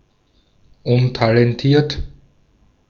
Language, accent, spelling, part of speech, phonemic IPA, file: German, Austria, untalentiert, adjective, /ˈʊntalɛnˌtiːɐ̯t/, De-at-untalentiert.ogg
- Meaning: untalented